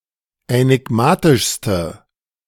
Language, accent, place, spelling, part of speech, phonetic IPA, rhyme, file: German, Germany, Berlin, änigmatischste, adjective, [ɛnɪˈɡmaːtɪʃstə], -aːtɪʃstə, De-änigmatischste.ogg
- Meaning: inflection of änigmatisch: 1. strong/mixed nominative/accusative feminine singular superlative degree 2. strong nominative/accusative plural superlative degree